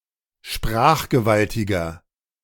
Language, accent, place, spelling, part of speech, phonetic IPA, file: German, Germany, Berlin, sprachgewaltiger, adjective, [ˈʃpʁaːxɡəˌvaltɪɡɐ], De-sprachgewaltiger.ogg
- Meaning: 1. comparative degree of sprachgewaltig 2. inflection of sprachgewaltig: strong/mixed nominative masculine singular 3. inflection of sprachgewaltig: strong genitive/dative feminine singular